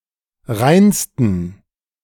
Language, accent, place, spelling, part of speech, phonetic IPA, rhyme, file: German, Germany, Berlin, reinsten, adjective, [ˈʁaɪ̯nstn̩], -aɪ̯nstn̩, De-reinsten.ogg
- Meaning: 1. superlative degree of rein 2. inflection of rein: strong genitive masculine/neuter singular superlative degree